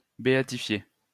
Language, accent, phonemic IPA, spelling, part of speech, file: French, France, /be.a.ti.fje/, béatifier, verb, LL-Q150 (fra)-béatifier.wav
- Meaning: to beatify